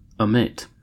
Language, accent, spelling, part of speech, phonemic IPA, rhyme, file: English, US, amate, verb, /əˈmeɪt/, -eɪt, En-us-amate2.ogg
- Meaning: 1. To dishearten, dismay 2. To be a mate to; to match